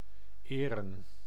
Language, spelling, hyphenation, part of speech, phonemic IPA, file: Dutch, eren, eren, verb / adjective / noun, /ˈeːrə(n)/, Nl-eren.ogg
- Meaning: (verb) 1. to honor/honour, to pay homage/respects 2. to respect, hold in high regard 3. to adorn, decorate 4. to (sometimes restore a fiancée's) honor by marriage